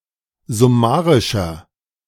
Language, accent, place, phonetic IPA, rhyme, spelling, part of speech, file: German, Germany, Berlin, [zʊˈmaːʁɪʃɐ], -aːʁɪʃɐ, summarischer, adjective, De-summarischer.ogg
- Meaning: 1. comparative degree of summarisch 2. inflection of summarisch: strong/mixed nominative masculine singular 3. inflection of summarisch: strong genitive/dative feminine singular